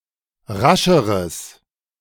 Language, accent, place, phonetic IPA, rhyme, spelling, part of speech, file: German, Germany, Berlin, [ˈʁaʃəʁəs], -aʃəʁəs, rascheres, adjective, De-rascheres.ogg
- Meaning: strong/mixed nominative/accusative neuter singular comparative degree of rasch